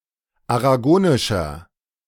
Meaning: inflection of aragonisch: 1. strong/mixed nominative masculine singular 2. strong genitive/dative feminine singular 3. strong genitive plural
- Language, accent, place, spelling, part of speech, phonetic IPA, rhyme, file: German, Germany, Berlin, aragonischer, adjective, [aʁaˈɡoːnɪʃɐ], -oːnɪʃɐ, De-aragonischer.ogg